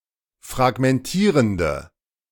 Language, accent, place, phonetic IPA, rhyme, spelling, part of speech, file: German, Germany, Berlin, [fʁaɡmɛnˈtiːʁəndə], -iːʁəndə, fragmentierende, adjective, De-fragmentierende.ogg
- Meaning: inflection of fragmentierend: 1. strong/mixed nominative/accusative feminine singular 2. strong nominative/accusative plural 3. weak nominative all-gender singular